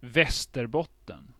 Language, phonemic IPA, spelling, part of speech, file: Swedish, /ˈvɛstɛrˌbɔtɛn/, Västerbotten, proper noun, Sv-Västerbotten.ogg
- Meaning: 1. Västerbotten (a county of Sweden) 2. Västerbotten, Westrobothnia (a historical province of Sweden)